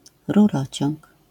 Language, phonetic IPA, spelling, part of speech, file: Polish, [ruˈrɔt͡ɕɔ̃ŋk], rurociąg, noun, LL-Q809 (pol)-rurociąg.wav